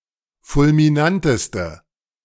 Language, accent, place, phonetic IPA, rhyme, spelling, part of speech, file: German, Germany, Berlin, [fʊlmiˈnantəstə], -antəstə, fulminanteste, adjective, De-fulminanteste.ogg
- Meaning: inflection of fulminant: 1. strong/mixed nominative/accusative feminine singular superlative degree 2. strong nominative/accusative plural superlative degree